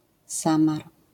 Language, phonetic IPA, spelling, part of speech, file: Polish, [ˈsãmar], samar, noun, LL-Q809 (pol)-samar.wav